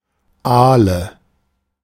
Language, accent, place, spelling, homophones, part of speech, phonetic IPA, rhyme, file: German, Germany, Berlin, Ahle, Aale, noun, [ˈaːlə], -aːlə, De-Ahle.ogg
- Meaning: awl